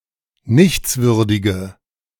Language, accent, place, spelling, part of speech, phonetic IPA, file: German, Germany, Berlin, nichtswürdige, adjective, [ˈnɪçt͡sˌvʏʁdɪɡə], De-nichtswürdige.ogg
- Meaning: inflection of nichtswürdig: 1. strong/mixed nominative/accusative feminine singular 2. strong nominative/accusative plural 3. weak nominative all-gender singular